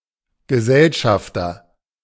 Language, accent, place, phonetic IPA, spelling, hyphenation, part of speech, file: German, Germany, Berlin, [ɡəˈzɛlʃaftɐ], Gesellschafter, Ge‧sell‧schaf‧ter, noun, De-Gesellschafter.ogg
- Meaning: 1. business associate, partner 2. shareholder